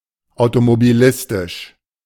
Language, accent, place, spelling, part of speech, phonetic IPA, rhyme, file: German, Germany, Berlin, automobilistisch, adjective, [aʊ̯tomobiˈlɪstɪʃ], -ɪstɪʃ, De-automobilistisch.ogg
- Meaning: car